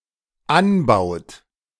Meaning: inflection of anbauen: 1. third-person singular dependent present 2. second-person plural dependent present
- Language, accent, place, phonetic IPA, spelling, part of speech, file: German, Germany, Berlin, [ˈanˌbaʊ̯t], anbaut, verb, De-anbaut.ogg